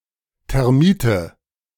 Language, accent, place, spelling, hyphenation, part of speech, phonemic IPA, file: German, Germany, Berlin, Termite, Ter‧mi‧te, noun, /tɛʁˈmiːtə/, De-Termite.ogg
- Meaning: termite (white-bodied, wood-consuming insect)